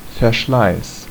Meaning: 1. wear, wear and tear 2. attrition
- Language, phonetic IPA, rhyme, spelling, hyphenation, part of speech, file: German, [fɛɐ̯ˈʃlaɪ̯s], -aɪ̯s, Verschleiß, Ver‧schleiß, noun, De-Verschleiß.ogg